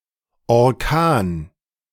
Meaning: hurricane; strong windstorm
- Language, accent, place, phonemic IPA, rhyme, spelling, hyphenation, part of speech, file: German, Germany, Berlin, /ɔʁˈkaːn/, -aːn, Orkan, Or‧kan, noun, De-Orkan.ogg